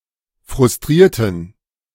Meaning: inflection of frustrieren: 1. first/third-person plural preterite 2. first/third-person plural subjunctive II
- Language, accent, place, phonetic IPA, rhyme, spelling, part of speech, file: German, Germany, Berlin, [fʁʊsˈtʁiːɐ̯tn̩], -iːɐ̯tn̩, frustrierten, adjective / verb, De-frustrierten.ogg